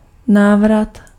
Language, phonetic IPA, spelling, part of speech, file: Czech, [ˈnaːvrat], návrat, noun, Cs-návrat.ogg
- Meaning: return (act of a person returning)